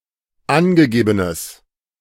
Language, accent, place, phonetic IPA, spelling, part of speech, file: German, Germany, Berlin, [ˈanɡəˌɡeːbənəs], angegebenes, adjective, De-angegebenes.ogg
- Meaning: strong/mixed nominative/accusative neuter singular of angegeben